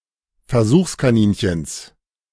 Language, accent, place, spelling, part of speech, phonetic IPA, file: German, Germany, Berlin, Versuchskaninchens, noun, [fɛɐ̯ˈzuːxskaˌniːnçəns], De-Versuchskaninchens.ogg
- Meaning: genitive singular of Versuchskaninchen